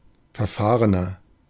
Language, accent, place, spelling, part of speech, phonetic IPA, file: German, Germany, Berlin, verfahrener, adjective, [fɛɐ̯ˈfaːʁənɐ], De-verfahrener.ogg
- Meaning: 1. comparative degree of verfahren 2. inflection of verfahren: strong/mixed nominative masculine singular 3. inflection of verfahren: strong genitive/dative feminine singular